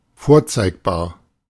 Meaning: presentable
- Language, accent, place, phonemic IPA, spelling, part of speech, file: German, Germany, Berlin, /ˈfoːɐ̯t͡saɪ̯kˌbaːɐ̯/, vorzeigbar, adjective, De-vorzeigbar.ogg